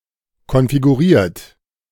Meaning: 1. past participle of konfigurieren 2. inflection of konfigurieren: third-person singular present 3. inflection of konfigurieren: second-person plural present
- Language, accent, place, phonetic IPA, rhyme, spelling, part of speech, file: German, Germany, Berlin, [kɔnfiɡuˈʁiːɐ̯t], -iːɐ̯t, konfiguriert, verb, De-konfiguriert.ogg